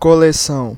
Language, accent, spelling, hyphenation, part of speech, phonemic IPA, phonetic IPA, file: Portuguese, Brazil, coleção, co‧le‧ção, noun, /ko.leˈsɐ̃w̃/, [ko.leˈsɐ̃ʊ̯̃], Pt-br-coleção.ogg
- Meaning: 1. collection 2. range 3. compilation